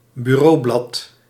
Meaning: 1. desktop (top surface of a desk) 2. desktop
- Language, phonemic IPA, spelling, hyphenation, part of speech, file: Dutch, /byˈroːˌblɑt/, bureaublad, bu‧reau‧blad, noun, Nl-bureaublad.ogg